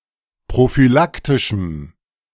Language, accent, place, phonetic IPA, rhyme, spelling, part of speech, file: German, Germany, Berlin, [pʁofyˈlaktɪʃm̩], -aktɪʃm̩, prophylaktischem, adjective, De-prophylaktischem.ogg
- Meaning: strong dative masculine/neuter singular of prophylaktisch